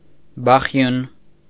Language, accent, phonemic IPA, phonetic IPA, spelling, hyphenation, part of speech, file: Armenian, Eastern Armenian, /bɑˈχjun/, [bɑχjún], բախյուն, բա‧խյուն, noun, Hy-բախյուն .ogg
- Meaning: 1. knock 2. beating (of heart)